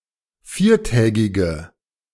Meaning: inflection of viertägig: 1. strong/mixed nominative/accusative feminine singular 2. strong nominative/accusative plural 3. weak nominative all-gender singular
- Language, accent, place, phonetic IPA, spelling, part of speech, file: German, Germany, Berlin, [ˈfiːɐ̯ˌtɛːɡɪɡə], viertägige, adjective, De-viertägige.ogg